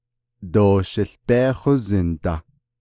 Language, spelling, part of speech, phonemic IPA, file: Navajo, doo shił bééhózin da, phrase, /tòː ʃɪ̀ɬ péːhózɪ̀n tɑ̀/, Nv-doo shił bééhózin da.ogg
- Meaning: I don't know